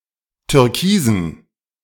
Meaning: inflection of türkis: 1. strong genitive masculine/neuter singular 2. weak/mixed genitive/dative all-gender singular 3. strong/weak/mixed accusative masculine singular 4. strong dative plural
- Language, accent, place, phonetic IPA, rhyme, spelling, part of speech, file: German, Germany, Berlin, [tʏʁˈkiːzn̩], -iːzn̩, türkisen, adjective, De-türkisen.ogg